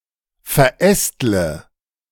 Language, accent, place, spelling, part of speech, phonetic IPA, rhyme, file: German, Germany, Berlin, verästle, verb, [fɛɐ̯ˈʔɛstlə], -ɛstlə, De-verästle.ogg
- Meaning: inflection of verästeln: 1. first-person singular present 2. first/third-person singular subjunctive I 3. singular imperative